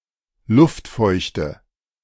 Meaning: humidity
- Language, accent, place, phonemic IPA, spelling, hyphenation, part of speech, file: German, Germany, Berlin, /ˈlʊftˌfɔɪ̯çtə/, Luftfeuchte, Luft‧feuch‧te, noun, De-Luftfeuchte.ogg